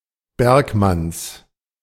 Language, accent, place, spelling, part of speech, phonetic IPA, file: German, Germany, Berlin, Bergmanns, noun, [ˈbɛʁkˌmans], De-Bergmanns.ogg
- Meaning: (noun) genitive singular of Bergmann; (proper noun) plural of Bergmann